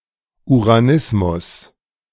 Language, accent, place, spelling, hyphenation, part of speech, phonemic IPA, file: German, Germany, Berlin, Uranismus, Ura‧nis‧mus, noun, /uʁaˈnɪsmʊs/, De-Uranismus.ogg
- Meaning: uranism, male homosexuality